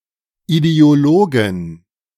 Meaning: 1. genitive singular of Ideologe 2. plural of Ideologe
- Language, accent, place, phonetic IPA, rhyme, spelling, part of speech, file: German, Germany, Berlin, [ideoˈloːɡn̩], -oːɡn̩, Ideologen, noun, De-Ideologen.ogg